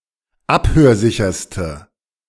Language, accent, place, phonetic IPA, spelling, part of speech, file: German, Germany, Berlin, [ˈaphøːɐ̯ˌzɪçɐstə], abhörsicherste, adjective, De-abhörsicherste.ogg
- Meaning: inflection of abhörsicher: 1. strong/mixed nominative/accusative feminine singular superlative degree 2. strong nominative/accusative plural superlative degree